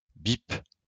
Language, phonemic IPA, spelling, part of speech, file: French, /bip/, bip, noun, LL-Q150 (fra)-bip.wav
- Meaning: beep (short, electronically-produced sound)